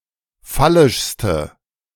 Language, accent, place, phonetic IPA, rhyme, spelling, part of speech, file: German, Germany, Berlin, [ˈfalɪʃstə], -alɪʃstə, phallischste, adjective, De-phallischste.ogg
- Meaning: inflection of phallisch: 1. strong/mixed nominative/accusative feminine singular superlative degree 2. strong nominative/accusative plural superlative degree